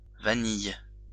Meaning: 1. vanilla (plant) 2. vanilla bean 3. vanilla (flavouring)
- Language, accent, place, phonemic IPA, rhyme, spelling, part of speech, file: French, France, Lyon, /va.nij/, -ij, vanille, noun, LL-Q150 (fra)-vanille.wav